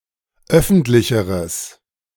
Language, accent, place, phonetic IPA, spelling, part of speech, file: German, Germany, Berlin, [ˈœfn̩tlɪçəʁəs], öffentlicheres, adjective, De-öffentlicheres.ogg
- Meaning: strong/mixed nominative/accusative neuter singular comparative degree of öffentlich